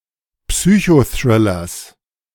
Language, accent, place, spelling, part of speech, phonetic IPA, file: German, Germany, Berlin, Psychothrillers, noun, [ˈpsyːçoˌθʁɪlɐs], De-Psychothrillers.ogg
- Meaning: genitive singular of Psychothriller